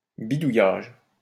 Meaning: 1. tampering 2. botch, hack
- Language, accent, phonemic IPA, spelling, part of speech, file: French, France, /bi.du.jaʒ/, bidouillage, noun, LL-Q150 (fra)-bidouillage.wav